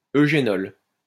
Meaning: eugenol
- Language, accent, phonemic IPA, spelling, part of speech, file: French, France, /ø.ʒe.nɔl/, eugénol, noun, LL-Q150 (fra)-eugénol.wav